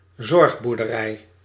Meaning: care farm (farm that functions as a health care or integration facility)
- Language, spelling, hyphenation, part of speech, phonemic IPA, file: Dutch, zorgboerderij, zorg‧boer‧de‧rij, noun, /ˈzɔrx.bur.dəˌrɛi̯/, Nl-zorgboerderij.ogg